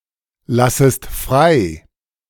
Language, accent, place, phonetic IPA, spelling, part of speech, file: German, Germany, Berlin, [ˌlasəst ˈfʁaɪ̯], lassest frei, verb, De-lassest frei.ogg
- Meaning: second-person singular subjunctive I of freilassen